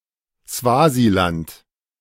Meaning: Swaziland (former name of Eswatini: a country in Southern Africa; used until 2018)
- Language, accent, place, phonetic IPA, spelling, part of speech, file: German, Germany, Berlin, [ˈsvaːziˌlant], Swasiland, proper noun, De-Swasiland.ogg